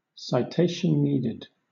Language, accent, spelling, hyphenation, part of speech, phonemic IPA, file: English, Southern England, citation needed, ci‧tat‧ion need‧ed, phrase, /ˌsaɪˈteɪ.ʃn̩ ˈniː.dɪd/, LL-Q1860 (eng)-citation needed.wav
- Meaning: 1. Used to designate an assertion or other statement as false, inaccurate, or requiring verification 2. Used ironically to designate an obvious fact that needs no support